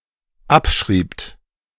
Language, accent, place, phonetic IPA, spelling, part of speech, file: German, Germany, Berlin, [ˈapˌʃʁiːpt], abschriebt, verb, De-abschriebt.ogg
- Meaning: second-person plural dependent preterite of abschreiben